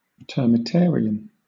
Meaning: A termite colony
- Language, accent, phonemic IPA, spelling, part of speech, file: English, Southern England, /ˌtɜɹ.mɪˈtɛ(ə)ɹ.i.əm/, termitarium, noun, LL-Q1860 (eng)-termitarium.wav